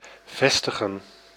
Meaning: 1. to establish, to place 2. to establish oneself 3. to settle
- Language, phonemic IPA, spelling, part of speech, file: Dutch, /ˈvɛstəɣə(n)/, vestigen, verb, Nl-vestigen.ogg